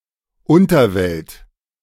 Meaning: 1. netherworld, underworld, Hades, Sheol (kind of afterlife that is neither heaven nor hell) 2. underworld (world of crime) 3. this world, the earthly life (as opposed to heaven)
- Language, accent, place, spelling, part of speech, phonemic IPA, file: German, Germany, Berlin, Unterwelt, noun, /ˈʊntərˌvɛlt/, De-Unterwelt.ogg